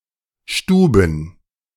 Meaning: plural of Stube
- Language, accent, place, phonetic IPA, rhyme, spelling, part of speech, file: German, Germany, Berlin, [ˈʃtuːbn̩], -uːbn̩, Stuben, noun, De-Stuben.ogg